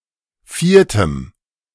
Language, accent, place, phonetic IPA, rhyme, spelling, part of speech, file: German, Germany, Berlin, [ˈfiːɐ̯təm], -iːɐ̯təm, viertem, adjective, De-viertem.ogg
- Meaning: strong dative masculine/neuter singular of vierte